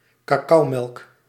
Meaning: cocoa drink, (if heated) hot chocolate (beverage made of cocoa and milk)
- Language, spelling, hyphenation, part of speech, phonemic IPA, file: Dutch, cacaomelk, ca‧cao‧melk, noun, /kaːˈkɑu̯ˌmɛlk/, Nl-cacaomelk.ogg